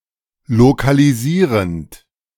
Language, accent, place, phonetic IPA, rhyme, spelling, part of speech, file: German, Germany, Berlin, [lokaliˈziːʁənt], -iːʁənt, lokalisierend, verb, De-lokalisierend.ogg
- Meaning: present participle of lokalisieren